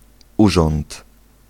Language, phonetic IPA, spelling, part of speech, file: Polish, [ˈuʒɔ̃nt], urząd, noun, Pl-urząd.ogg